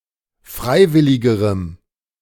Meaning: strong dative masculine/neuter singular comparative degree of freiwillig
- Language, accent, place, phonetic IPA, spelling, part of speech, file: German, Germany, Berlin, [ˈfʁaɪ̯ˌvɪlɪɡəʁəm], freiwilligerem, adjective, De-freiwilligerem.ogg